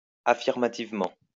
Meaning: affirmatively
- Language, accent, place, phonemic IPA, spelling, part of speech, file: French, France, Lyon, /a.fiʁ.ma.tiv.mɑ̃/, affirmativement, adverb, LL-Q150 (fra)-affirmativement.wav